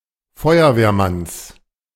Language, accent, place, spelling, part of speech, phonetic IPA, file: German, Germany, Berlin, Feuerwehrmanns, noun, [ˈfɔɪ̯ɐveːɐ̯ˌmans], De-Feuerwehrmanns.ogg
- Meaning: genitive singular of Feuerwehrmann